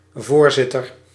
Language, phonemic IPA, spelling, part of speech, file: Dutch, /ˈvorzɪtər/, voorzitter, noun, Nl-voorzitter.ogg
- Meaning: chairperson, president